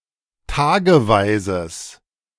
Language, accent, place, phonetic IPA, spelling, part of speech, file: German, Germany, Berlin, [ˈtaːɡəˌvaɪ̯zəs], tageweises, adjective, De-tageweises.ogg
- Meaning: strong/mixed nominative/accusative neuter singular of tageweise